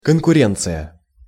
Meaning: competition (for a limited resource)
- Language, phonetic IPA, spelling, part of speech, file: Russian, [kənkʊˈrʲent͡sɨjə], конкуренция, noun, Ru-конкуренция.ogg